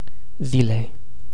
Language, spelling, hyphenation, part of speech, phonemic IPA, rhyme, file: Romanian, zilei, zi‧lei, noun, /ˈzi.lej/, -ilej, Ro-zilei.ogg
- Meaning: definite genitive/dative singular of zi (“day”)